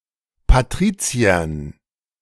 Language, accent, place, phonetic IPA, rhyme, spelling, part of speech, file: German, Germany, Berlin, [paˈtʁiːt͡si̯ɐn], -iːt͡si̯ɐn, Patriziern, noun, De-Patriziern.ogg
- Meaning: dative plural of Patrizier